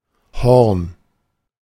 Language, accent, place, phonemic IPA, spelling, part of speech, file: German, Germany, Berlin, /hɔrn/, Horn, noun / proper noun, De-Horn.ogg
- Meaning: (noun) 1. horn (musical instrument) 2. horn (projection, of an animal, altar, etc.) 3. cornet 4. cranial parietal bones 5. horn (substance from which animal horns are made); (proper noun) a surname